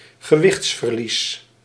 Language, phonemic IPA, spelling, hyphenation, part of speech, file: Dutch, /ɣəˈʋɪxts.vərˌlis/, gewichtsverlies, ge‧wichts‧ver‧lies, noun, Nl-gewichtsverlies.ogg
- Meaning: weight loss